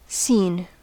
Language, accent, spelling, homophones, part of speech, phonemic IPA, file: English, US, seen, scene, verb / interjection / noun, /siːn/, En-us-seen.ogg
- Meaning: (verb) past participle of see; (interjection) 1. Indicates comprehension on the part of the speaker 2. Requests confirmation that the listener has understood the speaker